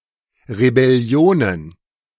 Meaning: plural of Rebellion
- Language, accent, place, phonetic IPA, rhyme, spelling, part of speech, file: German, Germany, Berlin, [ʁebɛˈli̯oːnən], -oːnən, Rebellionen, noun, De-Rebellionen.ogg